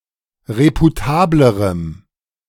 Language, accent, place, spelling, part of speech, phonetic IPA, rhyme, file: German, Germany, Berlin, reputablerem, adjective, [ˌʁepuˈtaːbləʁəm], -aːbləʁəm, De-reputablerem.ogg
- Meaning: strong dative masculine/neuter singular comparative degree of reputabel